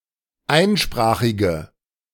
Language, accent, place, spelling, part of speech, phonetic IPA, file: German, Germany, Berlin, einsprachige, adjective, [ˈaɪ̯nˌʃpʁaːxɪɡə], De-einsprachige.ogg
- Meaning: inflection of einsprachig: 1. strong/mixed nominative/accusative feminine singular 2. strong nominative/accusative plural 3. weak nominative all-gender singular